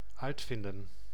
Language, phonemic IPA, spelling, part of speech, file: Dutch, /ˈœytfɪndə(n)/, uitvinden, verb, Nl-uitvinden.ogg
- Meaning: 1. to invent 2. to find out